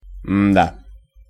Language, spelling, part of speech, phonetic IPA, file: Russian, м-да, interjection, [m‿da], Ru-м-да.ogg
- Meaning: hmm, pff (an expression of being puzzled or doubtful)